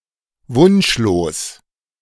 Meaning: desireless (having nothing more to be wished for)
- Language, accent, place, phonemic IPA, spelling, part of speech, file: German, Germany, Berlin, /ˈvʊnʃloːs/, wunschlos, adjective, De-wunschlos.ogg